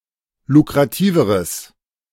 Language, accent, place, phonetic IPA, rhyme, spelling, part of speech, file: German, Germany, Berlin, [lukʁaˈtiːvəʁəs], -iːvəʁəs, lukrativeres, adjective, De-lukrativeres.ogg
- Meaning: strong/mixed nominative/accusative neuter singular comparative degree of lukrativ